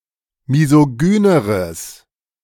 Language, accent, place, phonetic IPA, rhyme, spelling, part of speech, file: German, Germany, Berlin, [mizoˈɡyːnəʁəs], -yːnəʁəs, misogyneres, adjective, De-misogyneres.ogg
- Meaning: strong/mixed nominative/accusative neuter singular comparative degree of misogyn